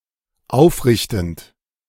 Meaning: present participle of aufrichten
- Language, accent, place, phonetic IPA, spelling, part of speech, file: German, Germany, Berlin, [ˈaʊ̯fˌʁɪçtn̩t], aufrichtend, verb, De-aufrichtend.ogg